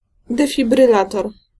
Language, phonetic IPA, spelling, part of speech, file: Polish, [ˌdɛfʲibrɨˈlatɔr], defibrylator, noun, Pl-defibrylator.ogg